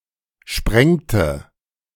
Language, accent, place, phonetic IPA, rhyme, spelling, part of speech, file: German, Germany, Berlin, [ˈʃpʁɛŋtə], -ɛŋtə, sprengte, verb, De-sprengte.ogg
- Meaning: inflection of sprengen: 1. first/third-person singular preterite 2. first/third-person singular subjunctive II